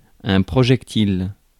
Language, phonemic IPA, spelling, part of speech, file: French, /pʁɔ.ʒɛk.til/, projectile, noun, Fr-projectile.ogg
- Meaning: projectile